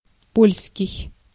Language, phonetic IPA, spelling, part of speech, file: Russian, [ˈpolʲskʲɪj], польский, adjective / noun, Ru-польский.ogg
- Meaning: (adjective) Polish; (noun) Polish language (short for по́льский язы́к (pólʹskij jazýk))